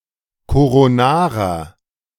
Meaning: inflection of koronar: 1. strong/mixed nominative masculine singular 2. strong genitive/dative feminine singular 3. strong genitive plural
- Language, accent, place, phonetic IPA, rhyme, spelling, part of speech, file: German, Germany, Berlin, [koʁoˈnaːʁɐ], -aːʁɐ, koronarer, adjective, De-koronarer.ogg